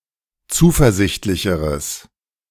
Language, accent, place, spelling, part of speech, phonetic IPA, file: German, Germany, Berlin, zuversichtlicheres, adjective, [ˈt͡suːfɛɐ̯ˌzɪçtlɪçəʁəs], De-zuversichtlicheres.ogg
- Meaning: strong/mixed nominative/accusative neuter singular comparative degree of zuversichtlich